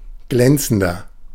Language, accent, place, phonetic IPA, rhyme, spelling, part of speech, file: German, Germany, Berlin, [ˈɡlɛnt͡sn̩dɐ], -ɛnt͡sn̩dɐ, glänzender, adjective, De-glänzender.ogg
- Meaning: 1. comparative degree of glänzend 2. inflection of glänzend: strong/mixed nominative masculine singular 3. inflection of glänzend: strong genitive/dative feminine singular